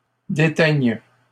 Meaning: third-person plural present indicative/subjunctive of déteindre
- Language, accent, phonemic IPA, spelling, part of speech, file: French, Canada, /de.tɛɲ/, déteignent, verb, LL-Q150 (fra)-déteignent.wav